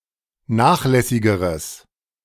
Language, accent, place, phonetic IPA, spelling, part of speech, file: German, Germany, Berlin, [ˈnaːxˌlɛsɪɡəʁəs], nachlässigeres, adjective, De-nachlässigeres.ogg
- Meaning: strong/mixed nominative/accusative neuter singular comparative degree of nachlässig